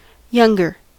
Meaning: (adjective) 1. comparative form of young: more young 2. Synonym of junior; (noun) One who is younger than another
- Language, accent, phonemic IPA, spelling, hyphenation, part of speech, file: English, US, /ˈjʌŋɡɚ/, younger, youn‧ger, adjective / noun, En-us-younger.ogg